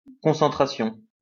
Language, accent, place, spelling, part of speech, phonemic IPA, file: French, France, Lyon, concentration, noun, /kɔ̃.sɑ̃.tʁa.sjɔ̃/, LL-Q150 (fra)-concentration.wav
- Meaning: 1. concentration (mental state of being concentrated) 2. concentration (quality of being concentrated)